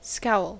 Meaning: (noun) 1. The wrinkling of the brows or face in frowning; the expression of displeasure, sullenness, or discontent in the countenance; an angry frown 2. Gloom; dark or threatening aspect
- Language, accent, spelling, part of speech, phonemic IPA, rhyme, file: English, US, scowl, noun / verb, /skaʊl/, -aʊl, En-us-scowl.ogg